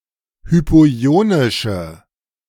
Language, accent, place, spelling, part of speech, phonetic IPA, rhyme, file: German, Germany, Berlin, hypoionische, adjective, [ˌhypoˈi̯oːnɪʃə], -oːnɪʃə, De-hypoionische.ogg
- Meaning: inflection of hypoionisch: 1. strong/mixed nominative/accusative feminine singular 2. strong nominative/accusative plural 3. weak nominative all-gender singular